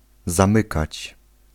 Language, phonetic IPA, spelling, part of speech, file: Polish, [zãˈmɨkat͡ɕ], zamykać, verb, Pl-zamykać.ogg